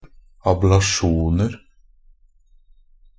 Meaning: indefinite plural of ablasjon
- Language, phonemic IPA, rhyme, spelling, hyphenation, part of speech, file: Norwegian Bokmål, /ablaˈʃuːnər/, -ər, ablasjoner, ab‧la‧sjon‧er, noun, NB - Pronunciation of Norwegian Bokmål «ablasjoner».ogg